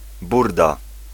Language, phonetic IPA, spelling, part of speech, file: Polish, [ˈburda], burda, noun, Pl-burda.ogg